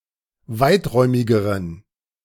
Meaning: inflection of weiträumig: 1. strong genitive masculine/neuter singular comparative degree 2. weak/mixed genitive/dative all-gender singular comparative degree
- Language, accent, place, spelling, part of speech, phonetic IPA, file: German, Germany, Berlin, weiträumigeren, adjective, [ˈvaɪ̯tˌʁɔɪ̯mɪɡəʁən], De-weiträumigeren.ogg